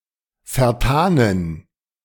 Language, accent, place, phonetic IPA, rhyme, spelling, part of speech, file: German, Germany, Berlin, [fɛɐ̯ˈtaːnən], -aːnən, vertanen, adjective, De-vertanen.ogg
- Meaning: inflection of vertan: 1. strong genitive masculine/neuter singular 2. weak/mixed genitive/dative all-gender singular 3. strong/weak/mixed accusative masculine singular 4. strong dative plural